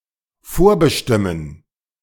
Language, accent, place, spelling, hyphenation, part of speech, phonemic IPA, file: German, Germany, Berlin, vorbestimmen, vor‧be‧stim‧men, verb, /ˈfoːɐ̯bəˌʃtɪmən/, De-vorbestimmen.ogg
- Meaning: to predetermine